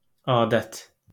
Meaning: 1. custom, usage (habit or accepted practice) 2. ceremony, rite 3. tradition
- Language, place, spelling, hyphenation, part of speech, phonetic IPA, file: Azerbaijani, Baku, adət, a‧dət, noun, [ɑːˈdæt], LL-Q9292 (aze)-adət.wav